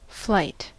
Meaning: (noun) 1. The act of flying; the ability to fly 2. The act of flying; the ability to fly.: An instance of flying
- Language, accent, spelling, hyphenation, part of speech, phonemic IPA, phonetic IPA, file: English, US, flight, flight, noun / adjective / verb, /ˈflaɪ̯t/, [ˈflaɪ̯t], En-us-flight.ogg